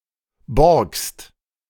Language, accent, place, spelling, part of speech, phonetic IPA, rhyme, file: German, Germany, Berlin, borgst, verb, [bɔʁkst], -ɔʁkst, De-borgst.ogg
- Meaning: second-person singular present of borgen